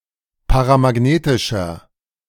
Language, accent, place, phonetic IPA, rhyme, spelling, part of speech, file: German, Germany, Berlin, [paʁamaˈɡneːtɪʃɐ], -eːtɪʃɐ, paramagnetischer, adjective, De-paramagnetischer.ogg
- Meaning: inflection of paramagnetisch: 1. strong/mixed nominative masculine singular 2. strong genitive/dative feminine singular 3. strong genitive plural